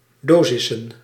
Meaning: plural of dosis
- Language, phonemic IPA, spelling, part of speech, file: Dutch, /ˈdozɪsə(n)/, dosissen, noun, Nl-dosissen.ogg